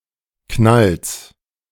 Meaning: genitive singular of Knall
- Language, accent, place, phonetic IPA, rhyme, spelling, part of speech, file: German, Germany, Berlin, [knals], -als, Knalls, noun, De-Knalls.ogg